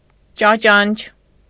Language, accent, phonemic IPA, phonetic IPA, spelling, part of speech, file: Armenian, Eastern Armenian, /t͡ʃɑˈt͡ʃɑnt͡ʃʰ/, [t͡ʃɑt͡ʃɑ́nt͡ʃʰ], ճաճանչ, noun, Hy-ճաճանչ.ogg
- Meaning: 1. ray 2. radiance